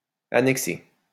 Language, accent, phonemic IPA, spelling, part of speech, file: French, France, /a.nɛk.se/, annexé, verb, LL-Q150 (fra)-annexé.wav
- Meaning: past participle of annexer